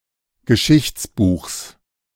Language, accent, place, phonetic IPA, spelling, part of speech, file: German, Germany, Berlin, [ɡəˈʃɪçt͡sˌbuːxs], Geschichtsbuchs, noun, De-Geschichtsbuchs.ogg
- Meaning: genitive singular of Geschichtsbuch